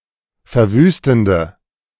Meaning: inflection of verwüstend: 1. strong/mixed nominative/accusative feminine singular 2. strong nominative/accusative plural 3. weak nominative all-gender singular
- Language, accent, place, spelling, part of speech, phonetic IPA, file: German, Germany, Berlin, verwüstende, adjective, [fɛɐ̯ˈvyːstn̩də], De-verwüstende.ogg